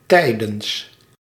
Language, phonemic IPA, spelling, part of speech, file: Dutch, /ˈtɛi̯də(n)s/, tijdens, preposition, Nl-tijdens.ogg
- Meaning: during